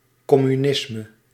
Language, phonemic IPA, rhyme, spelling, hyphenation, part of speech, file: Dutch, /ˌkɔ.myˈnɪs.mə/, -ɪsmə, communisme, com‧mu‧nis‧me, noun, Nl-communisme.ogg
- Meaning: 1. communism (collectivist socialism, ideology) 2. communism (classless and stateless international socialist order) 3. any collectivism